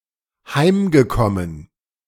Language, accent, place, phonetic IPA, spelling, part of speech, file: German, Germany, Berlin, [ˈhaɪ̯mɡəˌkɔmən], heimgekommen, verb, De-heimgekommen.ogg
- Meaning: past participle of heimkommen